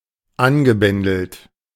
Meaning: past participle of anbändeln
- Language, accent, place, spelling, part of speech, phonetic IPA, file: German, Germany, Berlin, angebändelt, verb, [ˈanɡəˌbɛndl̩t], De-angebändelt.ogg